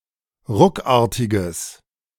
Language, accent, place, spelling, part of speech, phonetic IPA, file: German, Germany, Berlin, ruckartiges, adjective, [ˈʁʊkˌaːɐ̯tɪɡəs], De-ruckartiges.ogg
- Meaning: strong/mixed nominative/accusative neuter singular of ruckartig